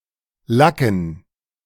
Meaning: to lacquer
- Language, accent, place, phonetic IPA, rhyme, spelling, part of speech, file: German, Germany, Berlin, [ˈlakn̩], -akn̩, lacken, verb, De-lacken.ogg